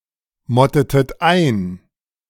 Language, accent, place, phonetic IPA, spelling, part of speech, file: German, Germany, Berlin, [ˌmɔtətət ˈaɪ̯n], mottetet ein, verb, De-mottetet ein.ogg
- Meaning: inflection of einmotten: 1. second-person plural preterite 2. second-person plural subjunctive II